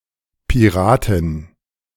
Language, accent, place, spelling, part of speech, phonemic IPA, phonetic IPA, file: German, Germany, Berlin, Piratin, noun, /piˈʁaːtɪn/, [pʰiˈʁaːtʰɪn], De-Piratin.ogg
- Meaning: 1. female pirate (a criminal who plunders at sea) 2. female member of a pirate party